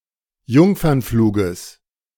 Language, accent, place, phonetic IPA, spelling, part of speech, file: German, Germany, Berlin, [ˈjʊŋfɐnˌfluːɡəs], Jungfernfluges, noun, De-Jungfernfluges.ogg
- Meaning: genitive of Jungfernflug